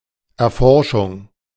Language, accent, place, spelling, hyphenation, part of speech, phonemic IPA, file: German, Germany, Berlin, Erforschung, Er‧for‧schung, noun, /ɛɐ̯ˈfɔʁʃʊŋ/, De-Erforschung.ogg
- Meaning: exploration